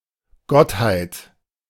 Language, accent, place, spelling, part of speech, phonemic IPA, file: German, Germany, Berlin, Gottheit, noun, /ˈɡɔthaɪ̯t/, De-Gottheit.ogg
- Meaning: 1. deity (essential nature of a god, divinity) 2. The state of being a god; divinity